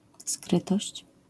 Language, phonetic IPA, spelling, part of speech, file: Polish, [ˈskrɨtɔɕt͡ɕ], skrytość, noun, LL-Q809 (pol)-skrytość.wav